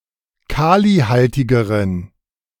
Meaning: inflection of kalihaltig: 1. strong genitive masculine/neuter singular comparative degree 2. weak/mixed genitive/dative all-gender singular comparative degree
- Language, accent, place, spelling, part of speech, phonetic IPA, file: German, Germany, Berlin, kalihaltigeren, adjective, [ˈkaːliˌhaltɪɡəʁən], De-kalihaltigeren.ogg